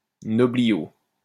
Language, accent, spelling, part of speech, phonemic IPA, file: French, France, nobliau, noun, /nɔ.bli.jo/, LL-Q150 (fra)-nobliau.wav
- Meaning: noble, nobleman